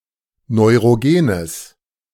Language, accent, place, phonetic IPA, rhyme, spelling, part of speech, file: German, Germany, Berlin, [nɔɪ̯ʁoˈɡeːnəs], -eːnəs, neurogenes, adjective, De-neurogenes.ogg
- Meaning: strong/mixed nominative/accusative neuter singular of neurogen